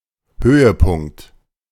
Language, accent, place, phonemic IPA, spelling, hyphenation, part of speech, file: German, Germany, Berlin, /ˈhøːəˌpʊŋkt/, Höhepunkt, Hö‧he‧punkt, noun, De-Höhepunkt.ogg
- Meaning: 1. highlight; climax; high; high point 2. orgasm, climax